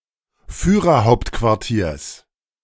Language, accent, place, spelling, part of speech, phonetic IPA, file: German, Germany, Berlin, Führerhauptquartiers, noun, [fyːʁɐˈhaʊ̯ptkvaʁtiːɐ̯s], De-Führerhauptquartiers.ogg
- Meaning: genitive singular of Führerhauptquartier